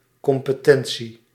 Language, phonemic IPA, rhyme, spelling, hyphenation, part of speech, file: Dutch, /ˌkɔm.pəˈtɛn.si/, -ɛnsi, competentie, com‧pe‧ten‧tie, noun, Nl-competentie.ogg
- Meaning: 1. competence, ability, capability, fitness, suitability 2. competence, formal qualification, jurisdiction